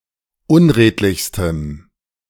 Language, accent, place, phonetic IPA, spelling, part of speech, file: German, Germany, Berlin, [ˈʊnˌʁeːtlɪçstəm], unredlichstem, adjective, De-unredlichstem.ogg
- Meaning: strong dative masculine/neuter singular superlative degree of unredlich